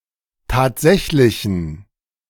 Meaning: inflection of tatsächlich: 1. strong genitive masculine/neuter singular 2. weak/mixed genitive/dative all-gender singular 3. strong/weak/mixed accusative masculine singular 4. strong dative plural
- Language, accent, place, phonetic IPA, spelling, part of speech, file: German, Germany, Berlin, [ˈtaːtˌzɛçlɪçn̩], tatsächlichen, adjective, De-tatsächlichen.ogg